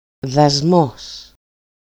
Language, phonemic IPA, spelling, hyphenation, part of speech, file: Greek, /ðaˈzmos/, δασμός, δα‧σμός, noun, EL-δασμός.ogg
- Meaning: 1. excise duty, duty 2. import tariff, tariff